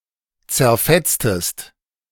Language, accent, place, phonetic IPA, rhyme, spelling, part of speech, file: German, Germany, Berlin, [t͡sɛɐ̯ˈfɛt͡stəst], -ɛt͡stəst, zerfetztest, verb, De-zerfetztest.ogg
- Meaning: inflection of zerfetzen: 1. second-person singular preterite 2. second-person singular subjunctive II